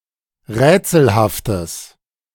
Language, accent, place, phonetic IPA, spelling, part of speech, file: German, Germany, Berlin, [ˈʁɛːt͡sl̩haftəs], rätselhaftes, adjective, De-rätselhaftes.ogg
- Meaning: strong/mixed nominative/accusative neuter singular of rätselhaft